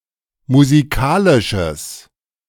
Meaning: strong/mixed nominative/accusative neuter singular of musikalisch
- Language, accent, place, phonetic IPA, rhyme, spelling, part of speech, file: German, Germany, Berlin, [muziˈkaːlɪʃəs], -aːlɪʃəs, musikalisches, adjective, De-musikalisches.ogg